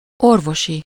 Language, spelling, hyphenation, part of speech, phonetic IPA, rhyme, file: Hungarian, orvosi, or‧vo‧si, adjective, [ˈorvoʃi], -ʃi, Hu-orvosi.ogg
- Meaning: medical